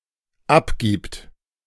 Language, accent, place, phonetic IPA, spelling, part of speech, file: German, Germany, Berlin, [ˈapˌɡiːpt], abgibt, verb, De-abgibt.ogg
- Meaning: third-person singular dependent present of abgeben